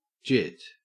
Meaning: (verb) To compile (program code for a virtual machine) immediately when needed, as part of the execution process; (noun) 1. An inexperienced, foolhardy young man 2. A term of address for a young man
- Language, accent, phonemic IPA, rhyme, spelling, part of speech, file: English, Australia, /d͡ʒɪt/, -ɪt, jit, verb / noun, En-au-jit.ogg